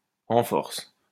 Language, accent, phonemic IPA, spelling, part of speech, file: French, France, /ɑ̃ fɔʁs/, en force, adverb, LL-Q150 (fra)-en force.wav
- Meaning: in force, in droves, in large numbers